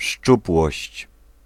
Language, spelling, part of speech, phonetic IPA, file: Polish, szczupłość, noun, [ˈʃt͡ʃupwɔɕt͡ɕ], Pl-szczupłość.ogg